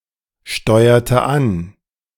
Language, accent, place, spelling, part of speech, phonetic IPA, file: German, Germany, Berlin, steuerte an, verb, [ˌʃtɔɪ̯ɐtə ˈan], De-steuerte an.ogg
- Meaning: inflection of ansteuern: 1. first/third-person singular preterite 2. first/third-person singular subjunctive II